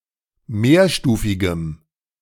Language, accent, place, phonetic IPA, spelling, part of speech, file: German, Germany, Berlin, [ˈmeːɐ̯ˌʃtuːfɪɡəm], mehrstufigem, adjective, De-mehrstufigem.ogg
- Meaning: strong dative masculine/neuter singular of mehrstufig